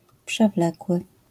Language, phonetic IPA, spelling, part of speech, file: Polish, [pʃɛˈvlɛkwɨ], przewlekły, adjective, LL-Q809 (pol)-przewlekły.wav